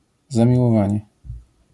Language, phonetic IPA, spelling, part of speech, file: Polish, [ˌzãmʲiwɔˈvãɲɛ], zamiłowanie, noun, LL-Q809 (pol)-zamiłowanie.wav